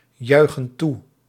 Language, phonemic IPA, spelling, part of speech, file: Dutch, /ˈjœyxə(n) ˈtu/, juichen toe, verb, Nl-juichen toe.ogg
- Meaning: inflection of toejuichen: 1. plural present indicative 2. plural present subjunctive